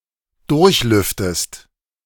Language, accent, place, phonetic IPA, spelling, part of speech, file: German, Germany, Berlin, [ˈdʊʁçˌlʏftəst], durchlüftest, verb, De-durchlüftest.ogg
- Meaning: inflection of durchlüften: 1. second-person singular present 2. second-person singular subjunctive I